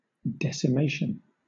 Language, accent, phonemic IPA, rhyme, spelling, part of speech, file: English, Southern England, /ˌdɛsɪˈmeɪʃən/, -eɪʃən, decimation, noun, LL-Q1860 (eng)-decimation.wav
- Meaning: 1. The killing or punishment of every tenth person, usually by lot 2. The killing or destruction of any large portion of a population 3. A tithe or the act of tithing